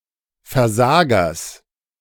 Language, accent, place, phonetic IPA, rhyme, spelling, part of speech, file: German, Germany, Berlin, [fɛɐ̯ˈzaːɡɐs], -aːɡɐs, Versagers, noun, De-Versagers.ogg
- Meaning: genitive singular of Versager